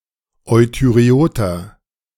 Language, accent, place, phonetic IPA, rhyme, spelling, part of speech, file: German, Germany, Berlin, [ˌɔɪ̯tyʁeˈoːtɐ], -oːtɐ, euthyreoter, adjective, De-euthyreoter.ogg
- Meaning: inflection of euthyreot: 1. strong/mixed nominative masculine singular 2. strong genitive/dative feminine singular 3. strong genitive plural